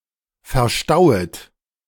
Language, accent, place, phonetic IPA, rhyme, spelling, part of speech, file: German, Germany, Berlin, [fɛɐ̯ˈʃtaʊ̯ət], -aʊ̯ət, verstauet, verb, De-verstauet.ogg
- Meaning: second-person plural subjunctive I of verstauen